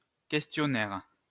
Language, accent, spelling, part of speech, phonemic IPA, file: French, France, questionnaire, noun, /kɛs.tjɔ.nɛʁ/, LL-Q150 (fra)-questionnaire.wav
- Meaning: questionnaire